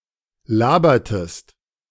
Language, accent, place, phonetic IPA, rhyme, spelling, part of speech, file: German, Germany, Berlin, [ˈlaːbɐtəst], -aːbɐtəst, labertest, verb, De-labertest.ogg
- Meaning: inflection of labern: 1. second-person singular preterite 2. second-person singular subjunctive II